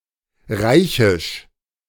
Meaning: imperial (of or pertaining to an empire or realm which can be designated as a Reich, especially the German Reich)
- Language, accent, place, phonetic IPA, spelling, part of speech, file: German, Germany, Berlin, [ˈʁaɪ̯çɪʃ], reichisch, adjective, De-reichisch.ogg